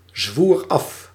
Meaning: singular past indicative of afzweren
- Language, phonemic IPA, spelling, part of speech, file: Dutch, /zwuːr ˈɑf/, zwoer af, verb, Nl-zwoer af.ogg